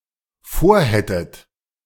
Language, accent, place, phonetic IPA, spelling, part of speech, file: German, Germany, Berlin, [ˈfoːɐ̯ˌhɛtət], vorhättet, verb, De-vorhättet.ogg
- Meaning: second-person plural dependent subjunctive II of vorhaben